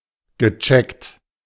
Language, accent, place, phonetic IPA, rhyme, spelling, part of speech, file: German, Germany, Berlin, [ɡəˈt͡ʃɛkt], -ɛkt, gecheckt, verb, De-gecheckt.ogg
- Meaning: past participle of checken